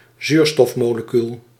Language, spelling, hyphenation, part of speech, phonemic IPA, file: Dutch, zuurstofmolecuul, zuur‧stof‧mo‧le‧cuul, noun, /ˈzyːr.stɔf.moː.ləˌkyl/, Nl-zuurstofmolecuul.ogg
- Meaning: an oxygen molecule, O₂